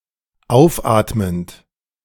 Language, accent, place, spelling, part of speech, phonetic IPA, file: German, Germany, Berlin, aufatmend, verb, [ˈaʊ̯fˌʔaːtmənt], De-aufatmend.ogg
- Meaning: present participle of aufatmen